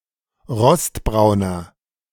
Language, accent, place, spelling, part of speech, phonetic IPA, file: German, Germany, Berlin, rostbrauner, adjective, [ˈʁɔstˌbʁaʊ̯nɐ], De-rostbrauner.ogg
- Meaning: inflection of rostbraun: 1. strong/mixed nominative masculine singular 2. strong genitive/dative feminine singular 3. strong genitive plural